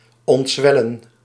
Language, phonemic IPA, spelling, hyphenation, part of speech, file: Dutch, /ˌɔntˈzʋɛ.lə(n)/, ontzwellen, ont‧zwel‧len, verb, Nl-ontzwellen.ogg
- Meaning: 1. to unswell, to cease from swelling 2. to shrink, to shrivel 3. to emerge from swelling or surging